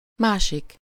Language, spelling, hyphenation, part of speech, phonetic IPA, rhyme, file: Hungarian, másik, má‧sik, pronoun, [ˈmaːʃik], -ik, Hu-másik.ogg
- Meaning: 1. another 2. construed with a (“the”): the other